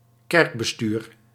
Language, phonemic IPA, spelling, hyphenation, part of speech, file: Dutch, /ˈkɛrk.bəˌstyːr/, kerkbestuur, kerk‧be‧stuur, noun, Nl-kerkbestuur.ogg
- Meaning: church administration